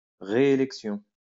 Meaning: reelection (the act of being elected after already being elected once)
- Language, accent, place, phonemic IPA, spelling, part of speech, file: French, France, Lyon, /ʁe.e.lɛk.sjɔ̃/, réélection, noun, LL-Q150 (fra)-réélection.wav